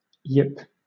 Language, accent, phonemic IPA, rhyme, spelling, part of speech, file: English, Southern England, /jɪp/, -ɪp, yip, noun / verb, LL-Q1860 (eng)-yip.wav
- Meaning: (noun) A sharp, high-pitched bark; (verb) To bark with a sharp, high-pitched voice